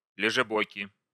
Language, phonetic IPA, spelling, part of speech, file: Russian, [lʲɪʐɨˈbokʲɪ], лежебоки, noun, Ru-лежебоки.ogg
- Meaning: inflection of лежебо́ка (ležebóka): 1. genitive singular 2. nominative plural